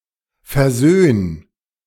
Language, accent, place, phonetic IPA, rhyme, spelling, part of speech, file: German, Germany, Berlin, [fɛɐ̯ˈzøːn], -øːn, versöhn, verb, De-versöhn.ogg
- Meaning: 1. singular imperative of versöhnen 2. first-person singular present of versöhnen